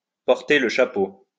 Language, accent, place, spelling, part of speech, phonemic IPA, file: French, France, Lyon, porter le chapeau, verb, /pɔʁ.te l(ə) ʃa.po/, LL-Q150 (fra)-porter le chapeau.wav
- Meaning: to shoulder the blame, to take the blame, to take the fall, to take the rap, to carry the can